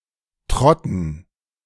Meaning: dative plural of Trott
- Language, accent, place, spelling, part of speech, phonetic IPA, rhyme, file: German, Germany, Berlin, Trotten, proper noun / noun, [ˈtʁɔtn̩], -ɔtn̩, De-Trotten.ogg